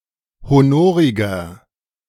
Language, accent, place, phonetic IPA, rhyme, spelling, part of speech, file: German, Germany, Berlin, [hoˈnoːʁɪɡɐ], -oːʁɪɡɐ, honoriger, adjective, De-honoriger.ogg
- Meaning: 1. comparative degree of honorig 2. inflection of honorig: strong/mixed nominative masculine singular 3. inflection of honorig: strong genitive/dative feminine singular